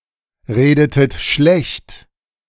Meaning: inflection of schlechtreden: 1. second-person plural preterite 2. second-person plural subjunctive II
- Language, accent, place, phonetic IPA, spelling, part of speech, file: German, Germany, Berlin, [ˌʁeːdətət ˈʃlɛçt], redetet schlecht, verb, De-redetet schlecht.ogg